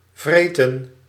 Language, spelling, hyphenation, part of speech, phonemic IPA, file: Dutch, vreten, vre‧ten, verb / noun, /ˈvreːtə(n)/, Nl-vreten.ogg
- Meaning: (verb) to eat savagely, stuff, hog, wolf (down), gobble; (noun) food